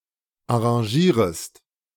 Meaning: second-person singular subjunctive I of arrangieren
- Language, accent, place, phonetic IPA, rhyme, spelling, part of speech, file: German, Germany, Berlin, [aʁɑ̃ˈʒiːʁəst], -iːʁəst, arrangierest, verb, De-arrangierest.ogg